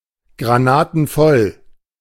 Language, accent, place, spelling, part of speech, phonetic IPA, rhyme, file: German, Germany, Berlin, granatenvoll, adjective, [ɡʁaˈnaːtn̩ˈfɔl], -ɔl, De-granatenvoll.ogg
- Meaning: completely drunk